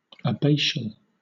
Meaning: Belonging to, relating to, or pertaining to an abbey, abbot, or abbess
- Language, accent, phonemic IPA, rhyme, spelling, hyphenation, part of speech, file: English, Southern England, /əˈbeɪ.ʃəl/, -eɪʃəl, abbatial, ab‧ba‧tial, adjective, LL-Q1860 (eng)-abbatial.wav